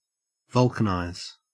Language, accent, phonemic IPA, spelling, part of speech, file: English, Australia, /ˈvʌl.kə.naɪz/, vulcanize, verb, En-au-vulcanize.ogg
- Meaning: 1. To treat rubber with heat and (usually) sulfur to harden it and make it more durable 2. To undergo such treatment